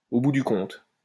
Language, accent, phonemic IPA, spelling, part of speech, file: French, France, /o bu dy kɔ̃t/, au bout du compte, adverb, LL-Q150 (fra)-au bout du compte.wav
- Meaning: all things considered, after all, in the end